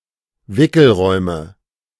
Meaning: nominative/accusative/genitive plural of Wickelraum
- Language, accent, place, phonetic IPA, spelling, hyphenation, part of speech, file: German, Germany, Berlin, [ˈvɪkl̩ˌʁɔɪ̯mə], Wickelräume, Wi‧ckel‧räu‧me, noun, De-Wickelräume.ogg